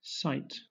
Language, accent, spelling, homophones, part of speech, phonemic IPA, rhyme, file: English, Southern England, cite, sight / site, verb / noun, /saɪt/, -aɪt, LL-Q1860 (eng)-cite.wav
- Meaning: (verb) 1. To quote; to repeat, as a passage from a book, or the words of another 2. To mention; to make mention of 3. To mention; to make mention of.: To mention by way of explanation